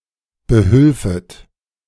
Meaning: second-person plural subjunctive II of behelfen
- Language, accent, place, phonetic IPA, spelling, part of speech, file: German, Germany, Berlin, [bəˈhʏlfət], behülfet, verb, De-behülfet.ogg